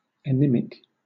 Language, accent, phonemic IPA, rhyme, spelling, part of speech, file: English, Southern England, /əˈniː.mɪk/, -iːmɪk, anemic, adjective / noun, LL-Q1860 (eng)-anemic.wav
- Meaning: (adjective) 1. Of, pertaining to, or suffering from anemia 2. Weak; listless; lacking power, vigor, vitality, or colorfulness; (noun) A person who has anemia